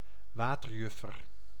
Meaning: pond damselfly; any damselfly that belongs to the family Coenagrionidae
- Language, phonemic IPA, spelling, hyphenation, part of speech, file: Dutch, /ˈʋaː.tərˌjʏ.fər/, waterjuffer, wa‧ter‧juf‧fer, noun, Nl-waterjuffer.ogg